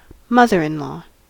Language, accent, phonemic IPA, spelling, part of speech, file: English, US, /ˈmʌ.ðəɹ.ɪnˌlɔː/, mother-in-law, noun, En-us-mother-in-law.ogg
- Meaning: 1. The mother of one's spouse 2. A mother-in-law apartment 3. A mother-in-law sandwich 4. A stepmother 5. A spicy Caribbean sauce made with peppers, carrots, onions, lime juice, etc